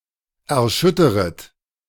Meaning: second-person plural subjunctive I of erschüttern
- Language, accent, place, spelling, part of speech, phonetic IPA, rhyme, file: German, Germany, Berlin, erschütteret, verb, [ɛɐ̯ˈʃʏtəʁət], -ʏtəʁət, De-erschütteret.ogg